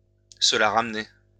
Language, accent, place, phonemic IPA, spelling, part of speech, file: French, France, Lyon, /sə la ʁam.ne/, se la ramener, verb, LL-Q150 (fra)-se la ramener.wav
- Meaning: to show off, to be full of oneself